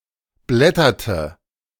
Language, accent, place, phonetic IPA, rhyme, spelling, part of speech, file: German, Germany, Berlin, [ˈblɛtɐtə], -ɛtɐtə, blätterte, verb, De-blätterte.ogg
- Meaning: inflection of blättern: 1. first/third-person singular preterite 2. first/third-person singular subjunctive II